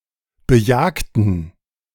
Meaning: inflection of bejagen: 1. first/third-person plural preterite 2. first/third-person plural subjunctive II
- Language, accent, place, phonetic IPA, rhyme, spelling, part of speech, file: German, Germany, Berlin, [bəˈjaːktn̩], -aːktn̩, bejagten, adjective / verb, De-bejagten.ogg